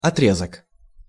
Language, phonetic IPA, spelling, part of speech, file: Russian, [ɐˈtrʲezək], отрезок, noun, Ru-отрезок.ogg
- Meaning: 1. piece, section, segment 2. segment